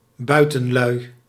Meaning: 1. rural people, rustics (people not living in towns or cities) 2. outdoors people 3. any outsiders, strangers (as seen from the perspective of a town or city) 4. plural of buitenman
- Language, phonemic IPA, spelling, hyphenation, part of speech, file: Dutch, /ˈbœy̯.tə(n)ˌlœy̯/, buitenlui, bui‧ten‧lui, noun, Nl-buitenlui.ogg